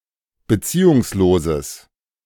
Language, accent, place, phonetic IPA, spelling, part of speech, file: German, Germany, Berlin, [bəˈt͡siːʊŋsˌloːzəs], beziehungsloses, adjective, De-beziehungsloses.ogg
- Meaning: strong/mixed nominative/accusative neuter singular of beziehungslos